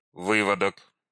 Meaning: brood, hatch, litter
- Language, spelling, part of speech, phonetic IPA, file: Russian, выводок, noun, [ˈvɨvədək], Ru-вы́водок.ogg